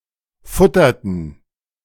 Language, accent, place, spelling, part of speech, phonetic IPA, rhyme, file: German, Germany, Berlin, futterten, verb, [ˈfʊtɐtn̩], -ʊtɐtn̩, De-futterten.ogg
- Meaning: inflection of futtern: 1. first/third-person plural preterite 2. first/third-person plural subjunctive II